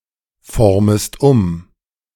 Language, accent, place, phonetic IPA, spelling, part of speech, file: German, Germany, Berlin, [ˌfɔʁməst ˈʊm], formest um, verb, De-formest um.ogg
- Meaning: second-person singular subjunctive I of umformen